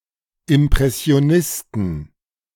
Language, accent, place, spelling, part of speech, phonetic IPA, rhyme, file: German, Germany, Berlin, Impressionisten, noun, [ɪmpʁɛsi̯oˈnɪstn̩], -ɪstn̩, De-Impressionisten.ogg
- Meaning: 1. genitive singular of Impressionist 2. plural of Impressionist